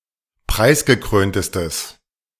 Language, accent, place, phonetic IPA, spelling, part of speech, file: German, Germany, Berlin, [ˈpʁaɪ̯sɡəˌkʁøːntəstəs], preisgekröntestes, adjective, De-preisgekröntestes.ogg
- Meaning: strong/mixed nominative/accusative neuter singular superlative degree of preisgekrönt